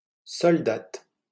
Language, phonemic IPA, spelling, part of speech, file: French, /sɔl.dat/, soldate, noun, LL-Q150 (fra)-soldate.wav
- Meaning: female equivalent of soldat: female private (unranked soldier)